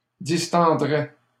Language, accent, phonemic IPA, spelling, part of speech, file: French, Canada, /dis.tɑ̃.dʁɛ/, distendrais, verb, LL-Q150 (fra)-distendrais.wav
- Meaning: first/second-person singular conditional of distendre